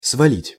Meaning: 1. to knock down, to knock over, to fell 2. to drop, to throw down 3. to dump, to carelessly drop (many things in one place) 4. to get rid of (something unpleasant) 5. to overthrow
- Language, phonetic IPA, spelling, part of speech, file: Russian, [svɐˈlʲitʲ], свалить, verb, Ru-свалить.ogg